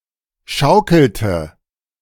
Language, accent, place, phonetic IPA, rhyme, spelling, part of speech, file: German, Germany, Berlin, [ˈʃaʊ̯kl̩tə], -aʊ̯kl̩tə, schaukelte, verb, De-schaukelte.ogg
- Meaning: inflection of schaukeln: 1. first/third-person singular preterite 2. first/third-person singular subjunctive II